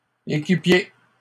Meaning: plural of équipier
- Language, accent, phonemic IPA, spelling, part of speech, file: French, Canada, /e.ki.pje/, équipiers, noun, LL-Q150 (fra)-équipiers.wav